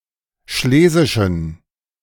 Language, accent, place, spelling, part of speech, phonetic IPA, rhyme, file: German, Germany, Berlin, schlesischen, adjective, [ˈʃleːzɪʃn̩], -eːzɪʃn̩, De-schlesischen.ogg
- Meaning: inflection of schlesisch: 1. strong genitive masculine/neuter singular 2. weak/mixed genitive/dative all-gender singular 3. strong/weak/mixed accusative masculine singular 4. strong dative plural